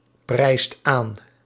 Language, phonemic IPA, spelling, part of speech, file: Dutch, /ˈprɛist ˈan/, prijst aan, verb, Nl-prijst aan.ogg
- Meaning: inflection of aanprijzen: 1. second/third-person singular present indicative 2. plural imperative